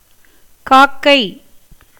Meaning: crow, raven (esp. Corvus splendens)
- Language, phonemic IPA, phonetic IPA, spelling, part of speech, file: Tamil, /kɑːkːɐɪ̯/, [käːkːɐɪ̯], காக்கை, noun, Ta-காக்கை.ogg